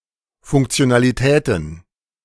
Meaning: plural of Funktionalität
- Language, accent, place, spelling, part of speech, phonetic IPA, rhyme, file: German, Germany, Berlin, Funktionalitäten, noun, [ˌfʊŋkt͡si̯onaliˈtɛːtn̩], -ɛːtn̩, De-Funktionalitäten.ogg